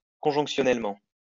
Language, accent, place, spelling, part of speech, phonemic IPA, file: French, France, Lyon, conjonctionnellement, adverb, /kɔ̃.ʒɔ̃k.sjɔ.nɛl.mɑ̃/, LL-Q150 (fra)-conjonctionnellement.wav
- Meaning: conjunctionally